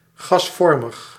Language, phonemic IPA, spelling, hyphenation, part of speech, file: Dutch, /ˌɣɑsˈfɔr.məx/, gasvormig, gas‧vor‧mig, adjective, Nl-gasvormig.ogg
- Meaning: gaseous (i.e. in the gaseous state)